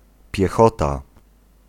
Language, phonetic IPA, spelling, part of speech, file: Polish, [pʲjɛˈxɔta], piechota, noun, Pl-piechota.ogg